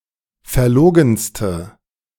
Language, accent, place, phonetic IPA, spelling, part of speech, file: German, Germany, Berlin, [fɛɐ̯ˈloːɡn̩stə], verlogenste, adjective, De-verlogenste.ogg
- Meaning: inflection of verlogen: 1. strong/mixed nominative/accusative feminine singular superlative degree 2. strong nominative/accusative plural superlative degree